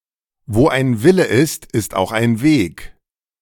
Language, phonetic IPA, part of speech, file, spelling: German, [voː ʔaɪ̯n ˈvɪlə ʔɪst | ʔɪst ʔaʊ̯χ ʔaɪ̯n veːk], proverb, De-wo ein Wille ist ist auch ein Weg.ogg, wo ein Wille ist, ist auch ein Weg
- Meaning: where there is a will there is a way